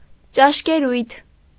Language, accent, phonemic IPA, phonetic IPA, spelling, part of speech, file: Armenian, Eastern Armenian, /t͡ʃɑʃkeˈɾujtʰ/, [t͡ʃɑʃkeɾújtʰ], ճաշկերույթ, noun, Hy-ճաշկերույթ.ogg
- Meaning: dinner party, banquet